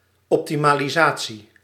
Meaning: optimisation
- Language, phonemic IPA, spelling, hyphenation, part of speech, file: Dutch, /ˌɔp.ti.maː.liˈzaː.(t)si/, optimalisatie, op‧ti‧ma‧li‧sa‧tie, noun, Nl-optimalisatie.ogg